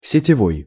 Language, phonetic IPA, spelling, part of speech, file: Russian, [sʲɪtʲɪˈvoj], сетевой, adjective, Ru-сетевой.ogg
- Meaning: 1. network 2. power, mains